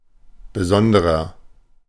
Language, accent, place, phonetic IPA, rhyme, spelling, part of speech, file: German, Germany, Berlin, [bəˈzɔndəʁɐ], -ɔndəʁɐ, besonderer, adjective, De-besonderer.ogg
- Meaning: inflection of besondere: 1. strong/mixed nominative masculine singular 2. strong genitive/dative feminine singular 3. strong genitive plural